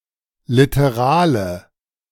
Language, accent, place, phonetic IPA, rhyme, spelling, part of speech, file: German, Germany, Berlin, [ˌlɪtəˈʁaːlə], -aːlə, literale, adjective, De-literale.ogg
- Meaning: inflection of literal: 1. strong/mixed nominative/accusative feminine singular 2. strong nominative/accusative plural 3. weak nominative all-gender singular 4. weak accusative feminine/neuter singular